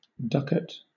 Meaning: 1. A gold coin minted by various European nations 2. A coin of the major denomination (dollar, euro, etc.); money in general 3. A ticket
- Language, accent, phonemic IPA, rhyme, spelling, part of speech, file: English, Southern England, /ˈdʌkət/, -ʌkət, ducat, noun, LL-Q1860 (eng)-ducat.wav